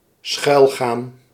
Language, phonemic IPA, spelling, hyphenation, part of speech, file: Dutch, /ˈsxœy̯l.ɣaːn/, schuilgaan, schuil‧gaan, verb, Nl-schuilgaan.ogg
- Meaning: to hide